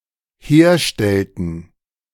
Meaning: inflection of herstellen: 1. first/third-person plural dependent preterite 2. first/third-person plural dependent subjunctive II
- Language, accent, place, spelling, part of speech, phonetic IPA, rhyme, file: German, Germany, Berlin, herstellten, verb, [ˈheːɐ̯ˌʃtɛltn̩], -eːɐ̯ʃtɛltn̩, De-herstellten.ogg